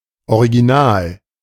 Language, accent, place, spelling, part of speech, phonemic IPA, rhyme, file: German, Germany, Berlin, Original, noun, /oʁiɡiˈnaːl/, -aːl, De-Original.ogg
- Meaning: 1. original 2. a unique and interesting individual: character; original (one who is charismatic and funny, especially in a way considered typical of a region or a social group)